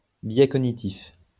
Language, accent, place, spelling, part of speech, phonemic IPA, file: French, France, Lyon, biais cognitif, noun, /bjɛ kɔ.ɲi.tif/, LL-Q150 (fra)-biais cognitif.wav
- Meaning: cognitive bias